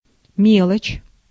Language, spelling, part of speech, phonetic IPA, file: Russian, мелочь, noun, [ˈmʲeɫət͡ɕ], Ru-мелочь.ogg
- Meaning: 1. small things 2. change, coins of small denomination 3. trifle